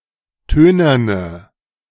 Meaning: inflection of tönern: 1. strong/mixed nominative/accusative feminine singular 2. strong nominative/accusative plural 3. weak nominative all-gender singular 4. weak accusative feminine/neuter singular
- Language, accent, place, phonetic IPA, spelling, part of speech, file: German, Germany, Berlin, [ˈtøːnɐnə], tönerne, adjective, De-tönerne.ogg